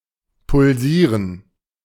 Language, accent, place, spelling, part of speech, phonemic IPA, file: German, Germany, Berlin, pulsieren, verb, /pʊlˈziːrən/, De-pulsieren.ogg
- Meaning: to pulsate